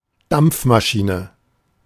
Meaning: steam engine
- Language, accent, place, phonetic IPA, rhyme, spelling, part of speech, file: German, Germany, Berlin, [ˈdamp͡fmaˌʃiːnə], -amp͡fmaʃiːnə, Dampfmaschine, noun, De-Dampfmaschine.ogg